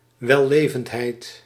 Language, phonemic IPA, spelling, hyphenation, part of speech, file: Dutch, /ʋɛˈleː.vəntˌɦɛi̯t/, wellevendheid, wel‧le‧vend‧heid, noun, Nl-wellevendheid.ogg
- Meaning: 1. courtesy 2. etiquette